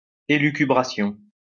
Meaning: 1. lucubration, elucubration (results of intense study with little value; used ironically) 2. ranting
- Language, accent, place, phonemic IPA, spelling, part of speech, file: French, France, Lyon, /e.ly.ky.bʁa.sjɔ̃/, élucubration, noun, LL-Q150 (fra)-élucubration.wav